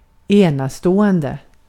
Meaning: outstanding, exceptional
- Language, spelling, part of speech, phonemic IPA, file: Swedish, enastående, adjective, /²eːnaˌstoːɛndɛ/, Sv-enastående.ogg